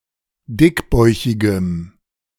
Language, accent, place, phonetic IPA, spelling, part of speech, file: German, Germany, Berlin, [ˈdɪkˌbɔɪ̯çɪɡəm], dickbäuchigem, adjective, De-dickbäuchigem.ogg
- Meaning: strong dative masculine/neuter singular of dickbäuchig